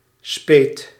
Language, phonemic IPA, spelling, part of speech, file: Dutch, /spet/, speet, verb / noun, Nl-speet.ogg
- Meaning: singular past indicative of spijten